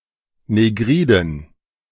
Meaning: inflection of negrid: 1. strong genitive masculine/neuter singular 2. weak/mixed genitive/dative all-gender singular 3. strong/weak/mixed accusative masculine singular 4. strong dative plural
- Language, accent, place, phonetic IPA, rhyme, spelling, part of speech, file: German, Germany, Berlin, [neˈɡʁiːdn̩], -iːdn̩, negriden, adjective, De-negriden.ogg